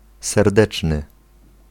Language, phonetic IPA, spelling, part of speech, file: Polish, [sɛrˈdɛt͡ʃnɨ], serdeczny, adjective, Pl-serdeczny.ogg